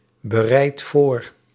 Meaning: inflection of voorbereiden: 1. second/third-person singular present indicative 2. plural imperative
- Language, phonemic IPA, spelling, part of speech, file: Dutch, /bəˈrɛit ˈvor/, bereidt voor, verb, Nl-bereidt voor.ogg